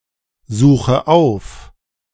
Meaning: inflection of aufsuchen: 1. first-person singular present 2. first/third-person singular subjunctive I 3. singular imperative
- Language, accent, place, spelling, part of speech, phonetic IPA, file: German, Germany, Berlin, suche auf, verb, [ˌzuːxə ˈaʊ̯f], De-suche auf.ogg